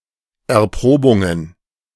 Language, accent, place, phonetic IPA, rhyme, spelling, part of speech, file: German, Germany, Berlin, [ɛɐ̯ˈpʁoːbʊŋən], -oːbʊŋən, Erprobungen, noun, De-Erprobungen.ogg
- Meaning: plural of Erprobung